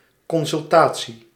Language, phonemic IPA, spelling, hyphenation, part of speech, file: Dutch, /ˌkɔn.sʏlˈtaː.(t)si/, consultatie, con‧sul‧ta‧tie, noun, Nl-consultatie.ogg
- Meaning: consultation